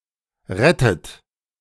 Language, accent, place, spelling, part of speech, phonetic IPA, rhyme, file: German, Germany, Berlin, rettet, verb, [ˈʁɛtət], -ɛtət, De-rettet.ogg
- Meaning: inflection of retten: 1. third-person singular present 2. second-person plural present 3. second-person plural subjunctive I 4. plural imperative